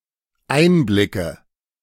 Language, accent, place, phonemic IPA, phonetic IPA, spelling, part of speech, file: German, Germany, Berlin, /ˈʔaɪ̯nblɪkə/, [ˈʔaɪ̯nblɪkʰə], Einblicke, noun, De-Einblicke.ogg
- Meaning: 1. nominative/accusative/genitive plural of Einblick 2. dative singular of Einblick